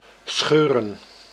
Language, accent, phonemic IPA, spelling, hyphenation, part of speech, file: Dutch, Netherlands, /ˈsxøː.rə(n)/, scheuren, scheu‧ren, verb / noun, Nl-scheuren.ogg
- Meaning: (verb) 1. to tear (rend) 2. to tear driving, to drive at breakneck speed; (noun) plural of scheur